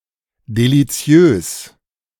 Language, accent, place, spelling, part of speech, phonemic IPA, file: German, Germany, Berlin, deliziös, adjective, /deliˈt͡si̯øːs/, De-deliziös.ogg
- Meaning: delicious